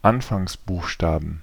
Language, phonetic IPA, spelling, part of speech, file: German, [ˈanfaŋsˌbuːxʃtaːbn̩], Anfangsbuchstaben, noun, De-Anfangsbuchstaben.ogg
- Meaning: 1. genitive/dative/accusative singular of Anfangsbuchstabe 2. plural of Anfangsbuchstabe